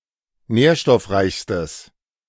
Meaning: strong/mixed nominative/accusative neuter singular superlative degree of nährstoffreich
- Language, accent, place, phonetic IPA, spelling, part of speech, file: German, Germany, Berlin, [ˈnɛːɐ̯ʃtɔfˌʁaɪ̯çstəs], nährstoffreichstes, adjective, De-nährstoffreichstes.ogg